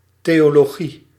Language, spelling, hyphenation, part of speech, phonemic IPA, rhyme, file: Dutch, theologie, theo‧lo‧gie, noun, /ˌteː.oː.loːˈɣi/, -i, Nl-theologie.ogg
- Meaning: theology